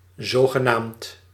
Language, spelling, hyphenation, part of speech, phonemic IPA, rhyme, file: Dutch, zogenaamd, zo‧ge‧naamd, adjective / adverb, /ˌzoː.ɣəˈnaːmt/, -aːmt, Nl-zogenaamd.ogg
- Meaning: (adjective) so-called (having such a name, being called such); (adverb) supposedly (according to a dubious claim)